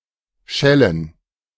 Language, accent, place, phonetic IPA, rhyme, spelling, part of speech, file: German, Germany, Berlin, [ˈʃɛlən], -ɛlən, Schellen, noun, De-Schellen.ogg
- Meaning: 1. plural of Schelle 2. bells, a suit in German playing cards and Swiss playing cards